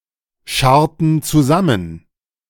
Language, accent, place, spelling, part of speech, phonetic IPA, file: German, Germany, Berlin, scharrten zusammen, verb, [ˌʃaʁtn̩ t͡suˈzamən], De-scharrten zusammen.ogg
- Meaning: inflection of zusammenscharren: 1. first/third-person plural preterite 2. first/third-person plural subjunctive II